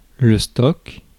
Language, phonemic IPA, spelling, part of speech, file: French, /stɔk/, stock, noun, Fr-stock.ogg
- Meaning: 1. stock, goods in supply 2. stock, a reserve (generally) 3. Supply of (wild) fish available for commerce, stock